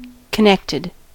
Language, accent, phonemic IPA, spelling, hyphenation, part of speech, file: English, US, /kəˈnɛktɪd/, connected, con‧nect‧ed, adjective / verb, En-us-connected.ogg
- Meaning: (adjective) 1. Having favorable rapport with a powerful entity 2. Having relationships; involved with others